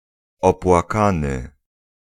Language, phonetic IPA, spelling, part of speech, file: Polish, [ˌɔpwaˈkãnɨ], opłakany, adjective, Pl-opłakany.ogg